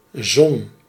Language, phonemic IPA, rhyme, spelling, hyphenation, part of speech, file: Dutch, /zɔn/, -ɔn, zon, zon, noun / verb, Nl-zon.ogg
- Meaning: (noun) sun, Sun; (verb) inflection of zonnen: 1. first-person singular present indicative 2. second-person singular present indicative 3. imperative